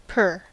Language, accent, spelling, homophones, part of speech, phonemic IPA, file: English, US, per, pair / pare, preposition / pronoun / determiner, /pɝ/, En-us-per.ogg
- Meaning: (preposition) 1. For each 2. To each, in each (used in expressing ratios of units) 3. By the, through the (with name of body part in Latin) 4. In accordance with, as per 5. According to